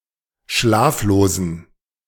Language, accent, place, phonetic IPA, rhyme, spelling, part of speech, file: German, Germany, Berlin, [ˈʃlaːfloːzn̩], -aːfloːzn̩, schlaflosen, adjective, De-schlaflosen.ogg
- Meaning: inflection of schlaflos: 1. strong genitive masculine/neuter singular 2. weak/mixed genitive/dative all-gender singular 3. strong/weak/mixed accusative masculine singular 4. strong dative plural